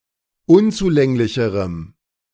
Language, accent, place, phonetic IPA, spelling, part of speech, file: German, Germany, Berlin, [ˈʊnt͡suˌlɛŋlɪçəʁəm], unzulänglicherem, adjective, De-unzulänglicherem.ogg
- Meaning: strong dative masculine/neuter singular comparative degree of unzulänglich